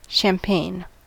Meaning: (noun) A sparkling white wine made from a blend of grapes, especially Chardonnay and pinot, produced in Champagne, France, by the méthode champenoise
- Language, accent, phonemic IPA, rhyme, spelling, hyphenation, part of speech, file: English, General American, /ʃæmˈpeɪn/, -eɪn, champagne, cham‧pagne, noun / adjective / verb, En-us-champagne.ogg